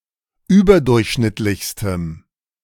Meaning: strong dative masculine/neuter singular superlative degree of überdurchschnittlich
- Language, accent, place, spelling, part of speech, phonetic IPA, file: German, Germany, Berlin, überdurchschnittlichstem, adjective, [ˈyːbɐˌdʊʁçʃnɪtlɪçstəm], De-überdurchschnittlichstem.ogg